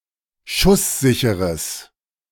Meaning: strong/mixed nominative/accusative neuter singular of schusssicher
- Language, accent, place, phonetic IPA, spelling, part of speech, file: German, Germany, Berlin, [ˈʃʊsˌzɪçəʁəs], schusssicheres, adjective, De-schusssicheres.ogg